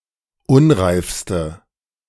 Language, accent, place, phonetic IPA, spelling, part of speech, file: German, Germany, Berlin, [ˈʊnʁaɪ̯fstə], unreifste, adjective, De-unreifste.ogg
- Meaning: inflection of unreif: 1. strong/mixed nominative/accusative feminine singular superlative degree 2. strong nominative/accusative plural superlative degree